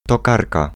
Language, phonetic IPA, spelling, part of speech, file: Polish, [tɔˈkarka], tokarka, noun, Pl-tokarka.ogg